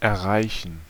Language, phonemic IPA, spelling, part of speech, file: German, /ɛɐ̯ˈʁaɪ̯çən/, erreichen, verb, De-erreichen.ogg
- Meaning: 1. to reach (to attain by stretching) 2. to reach, to get to, to arrive at (a place) 3. to reach (to establish contact with) 4. to accomplish